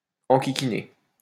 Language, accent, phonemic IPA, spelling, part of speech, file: French, France, /ɑ̃.ki.ki.ne/, enquiquiner, verb, LL-Q150 (fra)-enquiquiner.wav
- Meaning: to annoy; to pester